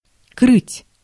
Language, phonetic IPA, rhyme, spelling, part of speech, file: Russian, [krɨtʲ], -ɨtʲ, крыть, verb, Ru-крыть.ogg
- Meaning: 1. to cover, to roof (a house); to thatch, to tile 2. to coat (with paint) 3. to cover, to trump 4. to scold, to rail (at), to swear (at) 5. to mount (an animal to mate)